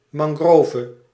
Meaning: 1. a mangrove tree 2. a mangrove forest
- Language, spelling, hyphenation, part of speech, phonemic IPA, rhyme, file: Dutch, mangrove, man‧gro‧ve, noun, /ˌmɑŋˈɣroː.və/, -oːvə, Nl-mangrove.ogg